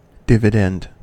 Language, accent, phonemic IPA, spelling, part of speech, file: English, US, /ˈdɪvɪdɛnd/, dividend, noun / verb, En-us-dividend.ogg
- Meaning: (noun) 1. A cash payment of money by a company to its shareholders, usually made periodically (e.g., quarterly or annually) 2. A number or expression that is to be divided by another